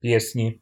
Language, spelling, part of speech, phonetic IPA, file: Russian, песни, noun, [ˈpʲesnʲɪ], Ru-песни.ogg
- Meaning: 1. inflection of пе́сня (pésnja): nominative/accusative plural 2. inflection of пе́сня (pésnja): genitive singular 3. inflection of песнь (pesnʹ)